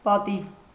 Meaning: 1. honour 2. dignity 3. the Armenian abbreviation mark: ՟ 4. feast, banquet in honor of someone
- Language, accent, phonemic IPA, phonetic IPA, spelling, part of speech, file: Armenian, Eastern Armenian, /pɑˈtiv/, [pɑtív], պատիվ, noun, Hy-պատիվ.ogg